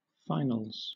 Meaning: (noun) plural of final
- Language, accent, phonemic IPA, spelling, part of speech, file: English, Southern England, /ˈfaɪnəlz/, finals, noun / verb, LL-Q1860 (eng)-finals.wav